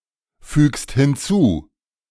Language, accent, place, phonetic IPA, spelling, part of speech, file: German, Germany, Berlin, [ˌfyːkst hɪnˈt͡suː], fügst hinzu, verb, De-fügst hinzu.ogg
- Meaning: second-person singular present of hinzufügen